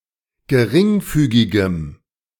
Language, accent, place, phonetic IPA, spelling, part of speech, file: German, Germany, Berlin, [ɡəˈʁɪŋˌfyːɡɪɡəm], geringfügigem, adjective, De-geringfügigem.ogg
- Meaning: strong dative masculine/neuter singular of geringfügig